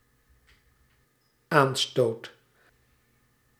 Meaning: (noun) 1. offense, affront 2. cause, impulse (that which leads up to an effect) 3. attack; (verb) first/second/third-person singular dependent-clause present indicative of aanstoten
- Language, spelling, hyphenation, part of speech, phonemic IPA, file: Dutch, aanstoot, aan‧stoot, noun / verb, /ˈaːn.stoːt/, Nl-aanstoot.ogg